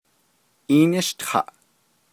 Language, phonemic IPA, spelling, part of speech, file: Navajo, /ʔíːnɪ́ʃtʰɑ̀ʔ/, ííníshtaʼ, verb, Nv-ííníshtaʼ.ogg
- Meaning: first-person singular imperfective of ółtaʼ